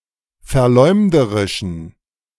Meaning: inflection of verleumderisch: 1. strong genitive masculine/neuter singular 2. weak/mixed genitive/dative all-gender singular 3. strong/weak/mixed accusative masculine singular 4. strong dative plural
- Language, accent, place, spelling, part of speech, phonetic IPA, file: German, Germany, Berlin, verleumderischen, adjective, [fɛɐ̯ˈlɔɪ̯mdəʁɪʃn̩], De-verleumderischen.ogg